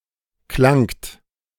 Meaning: second-person plural preterite of klingen
- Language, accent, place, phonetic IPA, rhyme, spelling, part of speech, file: German, Germany, Berlin, [klaŋt], -aŋt, klangt, verb, De-klangt.ogg